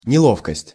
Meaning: 1. awkwardness 2. clumsiness 3. discomfort (especially emotional)
- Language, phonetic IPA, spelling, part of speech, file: Russian, [nʲɪˈɫofkəsʲtʲ], неловкость, noun, Ru-неловкость.ogg